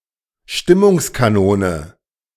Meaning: life of the party
- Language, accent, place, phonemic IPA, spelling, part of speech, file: German, Germany, Berlin, /ˈʃtɪmʊŋskaˌnoːnə/, Stimmungskanone, noun, De-Stimmungskanone.ogg